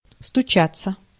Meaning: 1. to knock 2. passive of стуча́ть (stučátʹ)
- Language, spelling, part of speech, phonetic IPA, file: Russian, стучаться, verb, [stʊˈt͡ɕat͡sːə], Ru-стучаться.ogg